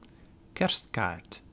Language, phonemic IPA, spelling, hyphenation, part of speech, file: Dutch, /ˈkɛrst.kaːrt/, kerstkaart, kerst‧kaart, noun, Nl-kerstkaart.ogg
- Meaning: Christmas card